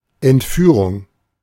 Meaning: abduction, kidnapping
- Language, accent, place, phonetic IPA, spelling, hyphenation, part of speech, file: German, Germany, Berlin, [ʔɛntˈfyːʁʊŋ], Entführung, Ent‧füh‧rung, noun, De-Entführung.ogg